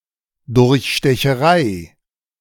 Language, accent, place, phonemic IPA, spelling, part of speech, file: German, Germany, Berlin, /ˌdʊʁçʃtɛçəˈʁaɪ̯/, Durchstecherei, noun, De-Durchstecherei.ogg
- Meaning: fraud